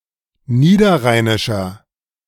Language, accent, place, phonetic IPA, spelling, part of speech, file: German, Germany, Berlin, [ˈniːdɐˌʁaɪ̯nɪʃɐ], niederrheinischer, adjective, De-niederrheinischer.ogg
- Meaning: inflection of niederrheinisch: 1. strong/mixed nominative masculine singular 2. strong genitive/dative feminine singular 3. strong genitive plural